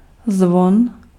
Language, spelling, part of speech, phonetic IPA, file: Czech, zvon, noun, [ˈzvon], Cs-zvon.ogg
- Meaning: 1. bell (metallic resonating object) 2. plunger, plumber's friend